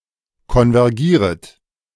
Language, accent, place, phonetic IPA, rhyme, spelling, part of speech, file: German, Germany, Berlin, [kɔnvɛʁˈɡiːʁət], -iːʁət, konvergieret, verb, De-konvergieret.ogg
- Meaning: second-person plural subjunctive I of konvergieren